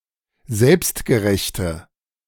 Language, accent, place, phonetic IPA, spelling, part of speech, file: German, Germany, Berlin, [ˈzɛlpstɡəˌʁɛçtə], selbstgerechte, adjective, De-selbstgerechte.ogg
- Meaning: inflection of selbstgerecht: 1. strong/mixed nominative/accusative feminine singular 2. strong nominative/accusative plural 3. weak nominative all-gender singular